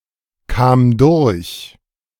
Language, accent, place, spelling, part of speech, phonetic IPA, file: German, Germany, Berlin, kam durch, verb, [ˌkaːm ˈdʊʁç], De-kam durch.ogg
- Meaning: first/third-person singular preterite of durchkommen